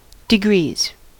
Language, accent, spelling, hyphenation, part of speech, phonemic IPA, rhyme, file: English, US, degrees, de‧grees, noun, /dɪˈɡɹiːz/, -iːz, En-us-degrees.ogg
- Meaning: plural of degree